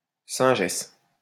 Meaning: 1. she-monkey 2. prostitute
- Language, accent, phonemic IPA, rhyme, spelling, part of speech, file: French, France, /sɛ̃.ʒɛs/, -ɛs, singesse, noun, LL-Q150 (fra)-singesse.wav